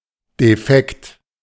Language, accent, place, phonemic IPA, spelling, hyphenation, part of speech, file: German, Germany, Berlin, /deˈfɛkt/, defekt, de‧fekt, adjective, De-defekt.ogg
- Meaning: broken, out of order